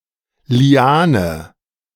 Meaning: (noun) liana (plant); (proper noun) 1. a female given name 2. a river in Northern France
- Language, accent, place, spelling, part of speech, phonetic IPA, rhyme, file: German, Germany, Berlin, Liane, noun, [liˈaːnə], -aːnə, De-Liane.ogg